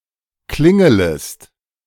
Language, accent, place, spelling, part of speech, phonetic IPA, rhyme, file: German, Germany, Berlin, klingelest, verb, [ˈklɪŋələst], -ɪŋələst, De-klingelest.ogg
- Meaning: second-person singular subjunctive I of klingeln